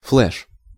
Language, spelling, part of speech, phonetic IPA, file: Russian, флеш, noun, [fɫɛʂ], Ru-флеш.ogg
- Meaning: flush